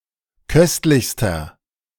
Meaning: inflection of köstlich: 1. strong/mixed nominative masculine singular superlative degree 2. strong genitive/dative feminine singular superlative degree 3. strong genitive plural superlative degree
- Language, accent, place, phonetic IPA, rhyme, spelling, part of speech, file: German, Germany, Berlin, [ˈkœstlɪçstɐ], -œstlɪçstɐ, köstlichster, adjective, De-köstlichster.ogg